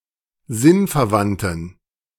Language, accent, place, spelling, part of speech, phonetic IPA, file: German, Germany, Berlin, sinnverwandten, adjective, [ˈzɪnfɛɐ̯ˌvantn̩], De-sinnverwandten.ogg
- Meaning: inflection of sinnverwandt: 1. strong genitive masculine/neuter singular 2. weak/mixed genitive/dative all-gender singular 3. strong/weak/mixed accusative masculine singular 4. strong dative plural